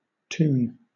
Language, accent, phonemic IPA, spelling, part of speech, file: English, Southern England, /ˈtuːn/, toon, noun, LL-Q1860 (eng)-toon.wav
- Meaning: 1. A cartoon, especially an animated television show 2. A player's avatar or visible character in a massively multiplayer online role-playing game 3. An animated cartoon character